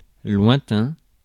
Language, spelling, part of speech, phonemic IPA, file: French, lointain, adjective / noun, /lwɛ̃.tɛ̃/, Fr-lointain.ogg
- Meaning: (adjective) 1. distant, remote, far-off 2. distant; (noun) a far-off place